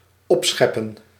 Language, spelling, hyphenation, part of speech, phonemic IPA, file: Dutch, opscheppen, op‧schep‧pen, verb, /ˈɔpˌsxɛ.pə(n)/, Nl-opscheppen.ogg
- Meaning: 1. to serve up (food) from cooking utensils into crockery used for eating, to scoop (food) onto one's or someone else's plate or other vessel 2. to brag, to boast